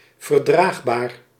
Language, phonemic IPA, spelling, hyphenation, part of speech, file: Dutch, /vərˈdraːx.baːr/, verdraagbaar, ver‧draag‧baar, adjective, Nl-verdraagbaar.ogg
- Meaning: tolerable, bearable